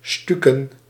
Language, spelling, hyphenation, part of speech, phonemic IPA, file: Dutch, stuken, stuk‧en, verb, /ˈsty.kə(n)/, Nl-stuken.ogg
- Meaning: to plaster